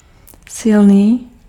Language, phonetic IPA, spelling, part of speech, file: Czech, [ˈsɪlniː], silný, adjective, Cs-silný.ogg
- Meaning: strong